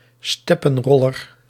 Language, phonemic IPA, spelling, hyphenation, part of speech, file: Dutch, /ˈstɛ.pə(n)ˌrɔ.lər/, steppenroller, step‧pen‧rol‧ler, noun, Nl-steppenroller.ogg
- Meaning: tumbleweed